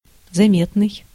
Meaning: 1. noticeable, perceptible, visible (capable of being seen or noticed) 2. marked, conspicuous 3. outstanding
- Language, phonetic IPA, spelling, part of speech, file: Russian, [zɐˈmʲetnɨj], заметный, adjective, Ru-заметный.ogg